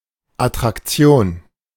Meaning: attraction
- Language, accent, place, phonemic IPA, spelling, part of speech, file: German, Germany, Berlin, /atʁakˈt͡si̯oːn/, Attraktion, noun, De-Attraktion.ogg